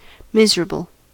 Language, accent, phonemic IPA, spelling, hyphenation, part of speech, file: English, US, /ˈmɪz(ə)ɹəbəl/, miserable, mis‧er‧a‧ble, adjective / noun, En-us-miserable.ogg
- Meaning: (adjective) 1. In a state of misery: very sad, ill, or poor 2. Very bad (at something); unskilled, incompetent; hopeless 3. Of the weather, extremely unpleasant due to being cold, wet, overcast, etc